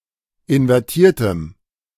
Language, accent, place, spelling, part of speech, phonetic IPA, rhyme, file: German, Germany, Berlin, invertiertem, adjective, [ɪnvɛʁˈtiːɐ̯təm], -iːɐ̯təm, De-invertiertem.ogg
- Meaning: strong dative masculine/neuter singular of invertiert